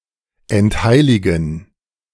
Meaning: to desecrate
- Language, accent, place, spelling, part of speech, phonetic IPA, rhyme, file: German, Germany, Berlin, entheiligen, verb, [ɛntˈhaɪ̯lɪɡn̩], -aɪ̯lɪɡn̩, De-entheiligen.ogg